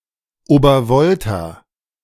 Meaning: Upper Volta (former name of Burkina Faso: a country in West Africa, used from 1958 to 1984)
- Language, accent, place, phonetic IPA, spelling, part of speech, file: German, Germany, Berlin, [oːbɐˈvɔlta], Obervolta, proper noun, De-Obervolta.ogg